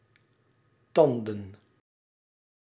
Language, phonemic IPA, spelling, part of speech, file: Dutch, /ˈtɑn.də(n)/, tanden, noun, Nl-tanden.ogg
- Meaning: plural of tand